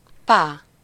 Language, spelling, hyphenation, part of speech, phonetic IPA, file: Hungarian, pá, pá, interjection, [ˈpaː], Hu-pá.ogg
- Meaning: bye-bye (a farewell greeting, formerly used by women, now mainly by children, accompanied by a waving hand gesture)